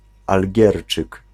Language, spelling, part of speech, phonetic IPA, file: Polish, algierczyk, noun, [alʲˈɟɛrt͡ʃɨk], Pl-algierczyk.ogg